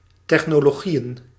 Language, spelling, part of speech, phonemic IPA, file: Dutch, technologieën, noun, /ˌtɛxnoloˈɣijə(n)/, Nl-technologieën.ogg
- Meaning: plural of technologie